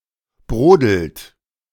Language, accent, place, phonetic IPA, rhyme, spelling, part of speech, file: German, Germany, Berlin, [ˈbʁoːdl̩t], -oːdl̩t, brodelt, verb, De-brodelt.ogg
- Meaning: inflection of brodeln: 1. second-person plural present 2. third-person singular present 3. plural imperative